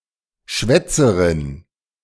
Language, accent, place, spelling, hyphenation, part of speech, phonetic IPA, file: German, Germany, Berlin, Schwätzerin, Schwät‧ze‧rin, noun, [ˈʃvɛt͜sərɪn], De-Schwätzerin.ogg
- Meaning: female equivalent of Schwätzer